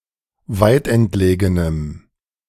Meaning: strong dative masculine/neuter singular of weitentlegen
- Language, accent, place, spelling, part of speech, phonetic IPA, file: German, Germany, Berlin, weitentlegenem, adjective, [ˈvaɪ̯tʔɛntˌleːɡənəm], De-weitentlegenem.ogg